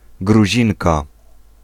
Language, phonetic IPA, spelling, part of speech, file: Polish, [ɡruˈʑĩŋka], Gruzinka, noun, Pl-Gruzinka.ogg